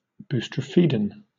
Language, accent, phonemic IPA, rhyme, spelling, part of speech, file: English, Southern England, /ˌbuːstɹəˈfiːdən/, -iːdən, boustrophedon, noun / adjective / adverb, LL-Q1860 (eng)-boustrophedon.wav